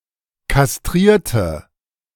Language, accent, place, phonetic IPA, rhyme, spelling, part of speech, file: German, Germany, Berlin, [kasˈtʁiːɐ̯tə], -iːɐ̯tə, kastrierte, verb / adjective, De-kastrierte.ogg
- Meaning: inflection of kastrieren: 1. first/third-person singular preterite 2. first/third-person singular subjunctive II